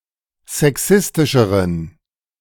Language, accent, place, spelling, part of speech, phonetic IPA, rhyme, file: German, Germany, Berlin, sexistischeren, adjective, [zɛˈksɪstɪʃəʁən], -ɪstɪʃəʁən, De-sexistischeren.ogg
- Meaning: inflection of sexistisch: 1. strong genitive masculine/neuter singular comparative degree 2. weak/mixed genitive/dative all-gender singular comparative degree